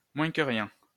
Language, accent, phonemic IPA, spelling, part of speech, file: French, France, /mwɛ̃.kə.ʁjɛ̃/, moins-que-rien, noun, LL-Q150 (fra)-moins-que-rien.wav
- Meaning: 1. a nobody, a nonentity, chopped liver (unimportant person) 2. a nobody, a nonentity, chopped liver (unimportant person): a drudge (person who works in a low job)